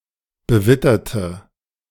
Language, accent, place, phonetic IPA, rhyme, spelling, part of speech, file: German, Germany, Berlin, [bəˈvɪtɐtə], -ɪtɐtə, bewitterte, adjective, De-bewitterte.ogg
- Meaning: inflection of bewittert: 1. strong/mixed nominative/accusative feminine singular 2. strong nominative/accusative plural 3. weak nominative all-gender singular